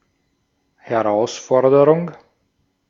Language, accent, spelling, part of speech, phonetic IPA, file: German, Austria, Herausforderung, noun, [hɛˈʁaʊ̯sˌfɔɐ̯dəʁʊŋ(k)], De-at-Herausforderung.ogg
- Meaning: challenge, that which encourages someone to dare more; (loosely) any task or condition that to bear one has to stretch one's boundaries